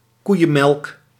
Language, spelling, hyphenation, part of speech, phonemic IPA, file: Dutch, koeienmelk, koei‧en‧melk, noun, /ˈkui̯ə(n)ˌmɛlk/, Nl-koeienmelk.ogg
- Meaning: uncommon form of koemelk